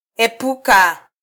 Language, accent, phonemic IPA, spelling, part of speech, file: Swahili, Kenya, /ɛˈpu.kɑ/, epuka, verb, Sw-ke-epuka.flac
- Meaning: 1. to avoid 2. to escape, to distance oneself from